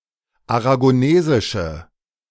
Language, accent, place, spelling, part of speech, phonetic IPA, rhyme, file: German, Germany, Berlin, aragonesische, adjective, [aʁaɡoˈneːzɪʃə], -eːzɪʃə, De-aragonesische.ogg
- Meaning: inflection of aragonesisch: 1. strong/mixed nominative/accusative feminine singular 2. strong nominative/accusative plural 3. weak nominative all-gender singular